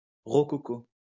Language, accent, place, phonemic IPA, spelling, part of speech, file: French, France, Lyon, /ʁɔ.kɔ.ko/, rococo, adjective, LL-Q150 (fra)-rococo.wav
- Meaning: 1. rococo (architectural style, all senses) 2. Relating to old traditions, which may be seen as foolishly outdated; archaic, old-fashioned, obsolete, backwards